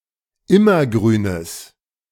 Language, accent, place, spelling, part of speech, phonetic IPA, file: German, Germany, Berlin, immergrünes, adjective, [ˈɪmɐˌɡʁyːnəs], De-immergrünes.ogg
- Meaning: strong/mixed nominative/accusative neuter singular of immergrün